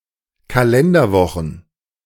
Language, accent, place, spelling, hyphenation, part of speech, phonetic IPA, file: German, Germany, Berlin, Kalenderwochen, Ka‧len‧der‧wo‧chen, noun, [kalɛndɐˌvɔχn̩], De-Kalenderwochen.ogg
- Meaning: plural of Kalenderwoche